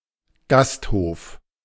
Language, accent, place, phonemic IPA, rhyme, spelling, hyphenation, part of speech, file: German, Germany, Berlin, /ˈɡasthoːf/, -oːf, Gasthof, Gast‧hof, noun, De-Gasthof.ogg
- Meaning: inn, pub, guesthouse